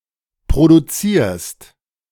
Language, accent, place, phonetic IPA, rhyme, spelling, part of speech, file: German, Germany, Berlin, [pʁoduˈt͡siːɐ̯st], -iːɐ̯st, produzierst, verb, De-produzierst.ogg
- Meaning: second-person singular present of produzieren